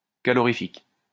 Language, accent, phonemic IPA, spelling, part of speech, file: French, France, /ka.lɔ.ʁi.fik/, calorifique, adjective, LL-Q150 (fra)-calorifique.wav
- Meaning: calorific